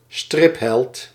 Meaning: a comic-book hero
- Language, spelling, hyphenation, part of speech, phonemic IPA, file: Dutch, stripheld, strip‧held, noun, /ˈstrɪp.ɦɛlt/, Nl-stripheld.ogg